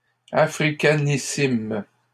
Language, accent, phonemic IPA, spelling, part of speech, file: French, Canada, /a.fʁi.ka.ni.sim/, africanissimes, adjective, LL-Q150 (fra)-africanissimes.wav
- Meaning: plural of africanissime